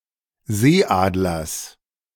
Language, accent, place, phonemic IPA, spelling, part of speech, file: German, Germany, Berlin, /ˈzeːˌʔaːdlɐs/, Seeadlers, noun, De-Seeadlers.ogg
- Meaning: genitive singular of Seeadler